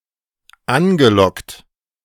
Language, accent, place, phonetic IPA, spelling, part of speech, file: German, Germany, Berlin, [ˈanɡəˌlɔkt], angelockt, verb, De-angelockt.ogg
- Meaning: past participle of anlocken